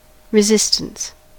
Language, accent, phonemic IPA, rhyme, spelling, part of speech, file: English, US, /ɹɪˈzɪstəns/, -ɪstəns, resistance, noun, En-us-resistance.ogg
- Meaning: 1. The act of resisting, or the capacity to resist 2. A force that tends to oppose motion 3. Electrical resistance 4. A resistor